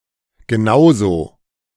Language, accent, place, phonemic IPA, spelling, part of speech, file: German, Germany, Berlin, /ɡəˈnaʊ̯zoː/, genauso, adverb, De-genauso.ogg
- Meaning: just as, just the same